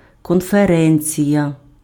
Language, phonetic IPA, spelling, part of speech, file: Ukrainian, [kɔnfeˈrɛnʲt͡sʲijɐ], конференція, noun, Uk-конференція.ogg
- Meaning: conference